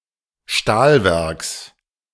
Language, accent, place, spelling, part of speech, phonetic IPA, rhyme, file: German, Germany, Berlin, Stahlwerks, noun, [ˈʃtaːlˌvɛʁks], -aːlvɛʁks, De-Stahlwerks.ogg
- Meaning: genitive singular of Stahlwerk